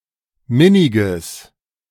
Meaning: strong/mixed nominative/accusative neuter singular of minnig
- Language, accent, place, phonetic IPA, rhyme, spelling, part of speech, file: German, Germany, Berlin, [ˈmɪnɪɡəs], -ɪnɪɡəs, minniges, adjective, De-minniges.ogg